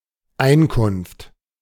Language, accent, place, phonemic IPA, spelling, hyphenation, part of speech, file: German, Germany, Berlin, /ˈaɪ̯nˌkʊnft/, Einkunft, Ein‧kunft, noun, De-Einkunft.ogg
- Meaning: income, revenue